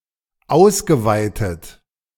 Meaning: past participle of ausweiten
- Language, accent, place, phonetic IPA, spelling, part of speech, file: German, Germany, Berlin, [ˈaʊ̯sɡəˌvaɪ̯tət], ausgeweitet, verb, De-ausgeweitet.ogg